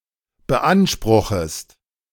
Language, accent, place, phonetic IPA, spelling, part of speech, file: German, Germany, Berlin, [bəˈʔanʃpʁʊxəst], beanspruchest, verb, De-beanspruchest.ogg
- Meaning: second-person singular subjunctive I of beanspruchen